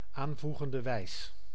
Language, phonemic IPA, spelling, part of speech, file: Dutch, /aːnˌvu.ɣən.də ˈʋɛi̯s/, aanvoegende wijs, noun, Nl-aanvoegende wijs.ogg
- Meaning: subjunctive mood